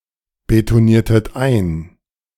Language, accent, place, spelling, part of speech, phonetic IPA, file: German, Germany, Berlin, betoniertet ein, verb, [betoˌniːɐ̯tət ˈaɪ̯n], De-betoniertet ein.ogg
- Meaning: inflection of einbetonieren: 1. second-person plural preterite 2. second-person plural subjunctive II